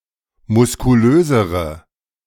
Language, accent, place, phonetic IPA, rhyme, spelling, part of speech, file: German, Germany, Berlin, [mʊskuˈløːzəʁə], -øːzəʁə, muskulösere, adjective, De-muskulösere.ogg
- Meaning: inflection of muskulös: 1. strong/mixed nominative/accusative feminine singular comparative degree 2. strong nominative/accusative plural comparative degree